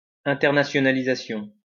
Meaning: internationalization
- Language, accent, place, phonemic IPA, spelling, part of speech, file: French, France, Lyon, /ɛ̃.tɛʁ.na.sjɔ.na.li.za.sjɔ̃/, internationalisation, noun, LL-Q150 (fra)-internationalisation.wav